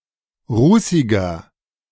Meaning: 1. comparative degree of rußig 2. inflection of rußig: strong/mixed nominative masculine singular 3. inflection of rußig: strong genitive/dative feminine singular
- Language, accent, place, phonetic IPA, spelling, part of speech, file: German, Germany, Berlin, [ˈʁuːsɪɡɐ], rußiger, adjective, De-rußiger.ogg